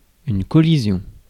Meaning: collision (an instance of colliding)
- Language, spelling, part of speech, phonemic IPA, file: French, collision, noun, /kɔ.li.zjɔ̃/, Fr-collision.ogg